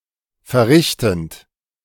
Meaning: present participle of verrichten
- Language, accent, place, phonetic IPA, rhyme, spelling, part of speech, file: German, Germany, Berlin, [fɛɐ̯ˈʁɪçtn̩t], -ɪçtn̩t, verrichtend, verb, De-verrichtend.ogg